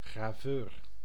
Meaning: engraver
- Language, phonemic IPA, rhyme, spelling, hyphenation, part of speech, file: Dutch, /ɣraːˈvøːr/, -øːr, graveur, gra‧veur, noun, Nl-graveur.ogg